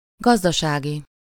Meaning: 1. agricultural, farming, farm- 2. economic
- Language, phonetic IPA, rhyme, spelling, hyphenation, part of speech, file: Hungarian, [ˈɡɒzdɒʃaːɡi], -ɡi, gazdasági, gaz‧da‧sá‧gi, adjective, Hu-gazdasági.ogg